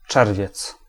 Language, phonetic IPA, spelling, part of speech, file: Polish, [ˈt͡ʃɛrvʲjɛt͡s], czerwiec, noun, Pl-czerwiec.ogg